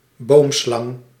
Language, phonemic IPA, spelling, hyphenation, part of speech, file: Dutch, /ˈboːmˌslɑŋ/, boomslang, boom‧slang, noun, Nl-boomslang.ogg
- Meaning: the boomslang, Dispholidus typus